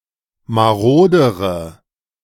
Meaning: inflection of marode: 1. strong/mixed nominative/accusative feminine singular comparative degree 2. strong nominative/accusative plural comparative degree
- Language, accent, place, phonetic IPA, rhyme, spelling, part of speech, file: German, Germany, Berlin, [maˈʁoːdəʁə], -oːdəʁə, marodere, adjective, De-marodere.ogg